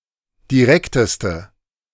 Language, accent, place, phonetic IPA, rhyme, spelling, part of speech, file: German, Germany, Berlin, [diˈʁɛktəstə], -ɛktəstə, direkteste, adjective, De-direkteste.ogg
- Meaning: inflection of direkt: 1. strong/mixed nominative/accusative feminine singular superlative degree 2. strong nominative/accusative plural superlative degree